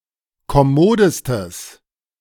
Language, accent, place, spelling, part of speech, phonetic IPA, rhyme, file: German, Germany, Berlin, kommodestes, adjective, [kɔˈmoːdəstəs], -oːdəstəs, De-kommodestes.ogg
- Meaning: strong/mixed nominative/accusative neuter singular superlative degree of kommod